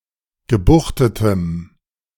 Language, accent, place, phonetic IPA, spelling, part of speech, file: German, Germany, Berlin, [ɡəˈbuxtətəm], gebuchtetem, adjective, De-gebuchtetem.ogg
- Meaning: strong dative masculine/neuter singular of gebuchtet